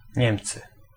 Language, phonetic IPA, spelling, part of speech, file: Polish, [ˈɲɛ̃mt͡sɨ], Niemcy, proper noun / noun, Pl-Niemcy.ogg